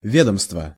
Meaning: department, institution, office
- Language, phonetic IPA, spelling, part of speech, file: Russian, [ˈvʲedəmstvə], ведомство, noun, Ru-ведомство.ogg